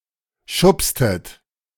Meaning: inflection of schubsen: 1. second-person plural preterite 2. second-person plural subjunctive II
- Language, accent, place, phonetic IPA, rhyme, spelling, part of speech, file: German, Germany, Berlin, [ˈʃʊpstət], -ʊpstət, schubstet, verb, De-schubstet.ogg